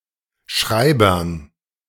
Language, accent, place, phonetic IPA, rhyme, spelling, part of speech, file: German, Germany, Berlin, [ˈʃʁaɪ̯bɐn], -aɪ̯bɐn, Schreibern, noun, De-Schreibern.ogg
- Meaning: dative plural of Schreiber